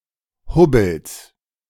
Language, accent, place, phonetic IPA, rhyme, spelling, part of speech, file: German, Germany, Berlin, [ˈhʊbl̩s], -ʊbl̩s, Hubbels, noun, De-Hubbels.ogg
- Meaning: genitive singular of Hubbel